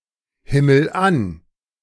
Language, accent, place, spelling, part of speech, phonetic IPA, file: German, Germany, Berlin, himmel an, verb, [ˌhɪml̩ ˈan], De-himmel an.ogg
- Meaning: inflection of anhimmeln: 1. first-person singular present 2. singular imperative